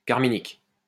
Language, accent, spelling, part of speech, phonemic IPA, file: French, France, carminique, adjective, /kaʁ.mi.nik/, LL-Q150 (fra)-carminique.wav
- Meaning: carminic